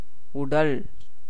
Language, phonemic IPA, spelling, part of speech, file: Tamil, /ʊɖɐl/, உடல், noun, Ta-உடல்.ogg
- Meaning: 1. body 2. consonant